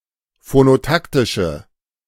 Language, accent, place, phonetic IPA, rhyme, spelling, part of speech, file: German, Germany, Berlin, [fonoˈtaktɪʃə], -aktɪʃə, phonotaktische, adjective, De-phonotaktische.ogg
- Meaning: inflection of phonotaktisch: 1. strong/mixed nominative/accusative feminine singular 2. strong nominative/accusative plural 3. weak nominative all-gender singular